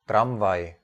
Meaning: tram, trolley, streetcar
- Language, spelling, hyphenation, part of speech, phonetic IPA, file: Czech, tramvaj, tram‧vaj, noun, [ˈtramvaj], Cs-tramvaj.ogg